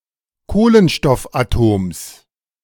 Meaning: genitive singular of Kohlenstoffatom
- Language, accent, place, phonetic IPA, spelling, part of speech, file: German, Germany, Berlin, [ˈkoːlənʃtɔfʔaˌtoːms], Kohlenstoffatoms, noun, De-Kohlenstoffatoms.ogg